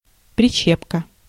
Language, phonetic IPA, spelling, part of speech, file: Russian, [prʲɪˈɕːepkə], прищепка, noun, Ru-прищепка.ogg
- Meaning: clothes peg, clothespin